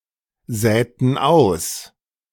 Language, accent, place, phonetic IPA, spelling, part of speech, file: German, Germany, Berlin, [ˌzɛːtn̩ ˈaʊ̯s], säten aus, verb, De-säten aus.ogg
- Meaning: inflection of aussäen: 1. first/third-person plural preterite 2. first/third-person plural subjunctive II